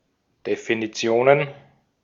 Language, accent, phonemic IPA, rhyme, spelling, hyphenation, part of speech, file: German, Austria, /definiˈt͡si̯oːnən/, -oːnən, Definitionen, De‧fi‧ni‧tio‧nen, noun, De-at-Definitionen.ogg
- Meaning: plural of Definition